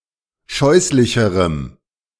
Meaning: strong dative masculine/neuter singular comparative degree of scheußlich
- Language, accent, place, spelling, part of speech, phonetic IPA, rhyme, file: German, Germany, Berlin, scheußlicherem, adjective, [ˈʃɔɪ̯slɪçəʁəm], -ɔɪ̯slɪçəʁəm, De-scheußlicherem.ogg